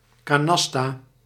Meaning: 1. canasta (Uruguayan cardgame) 2. canasta (meld of seven cards in the above game)
- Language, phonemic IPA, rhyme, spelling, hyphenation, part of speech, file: Dutch, /ˌkaːˈnɑs.taː/, -ɑstaː, canasta, ca‧nas‧ta, noun, Nl-canasta.ogg